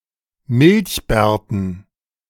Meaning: dative plural of Milchbart
- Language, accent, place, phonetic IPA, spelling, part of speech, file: German, Germany, Berlin, [ˈmɪlçˌbɛːɐ̯tn̩], Milchbärten, noun, De-Milchbärten.ogg